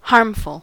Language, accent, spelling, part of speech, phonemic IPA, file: English, US, harmful, adjective, /ˈhɑɹmfl̩/, En-us-harmful.ogg
- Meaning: Causing or likely to cause harm or damage; injurious